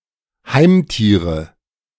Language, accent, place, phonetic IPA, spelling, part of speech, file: German, Germany, Berlin, [ˈhaɪ̯mˌtiːʁə], Heimtiere, noun, De-Heimtiere.ogg
- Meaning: nominative/accusative/genitive plural of Heimtier